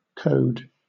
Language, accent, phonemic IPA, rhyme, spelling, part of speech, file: English, Southern England, /kəʊd/, -əʊd, code, noun / verb, LL-Q1860 (eng)-code.wav
- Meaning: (noun) A short textual designation, often with little relation to the item it represents